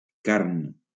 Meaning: 1. meat 2. flesh
- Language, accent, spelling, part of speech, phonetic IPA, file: Catalan, Valencia, carn, noun, [ˈkaɾn], LL-Q7026 (cat)-carn.wav